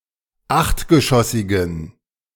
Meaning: inflection of achtgeschossig: 1. strong genitive masculine/neuter singular 2. weak/mixed genitive/dative all-gender singular 3. strong/weak/mixed accusative masculine singular 4. strong dative plural
- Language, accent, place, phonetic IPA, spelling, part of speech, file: German, Germany, Berlin, [ˈaxtɡəˌʃɔsɪɡn̩], achtgeschossigen, adjective, De-achtgeschossigen.ogg